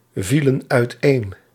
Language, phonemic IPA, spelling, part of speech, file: Dutch, /ˈvilə(n) œytˈen/, vielen uiteen, verb, Nl-vielen uiteen.ogg
- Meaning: inflection of uiteenvallen: 1. plural past indicative 2. plural past subjunctive